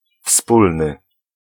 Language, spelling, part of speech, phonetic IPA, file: Polish, wspólny, adjective, [ˈfspulnɨ], Pl-wspólny.ogg